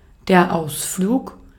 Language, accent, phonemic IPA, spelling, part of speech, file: German, Austria, /ˈʔaʊ̯sfluːk/, Ausflug, noun, De-at-Ausflug.ogg
- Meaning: excursion, outing, short trip